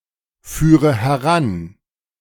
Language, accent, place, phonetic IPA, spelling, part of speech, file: German, Germany, Berlin, [ˌfyːʁə hɛˈʁan], führe heran, verb, De-führe heran.ogg
- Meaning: inflection of heranführen: 1. first-person singular present 2. first/third-person singular subjunctive I 3. singular imperative